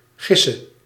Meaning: singular present subjunctive of gissen
- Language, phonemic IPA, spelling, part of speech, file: Dutch, /ˈɣɪsə/, gisse, adjective / verb, Nl-gisse.ogg